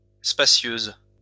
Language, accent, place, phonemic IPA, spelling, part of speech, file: French, France, Lyon, /spa.sjøz/, spacieuse, adjective, LL-Q150 (fra)-spacieuse.wav
- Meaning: feminine singular of spacieux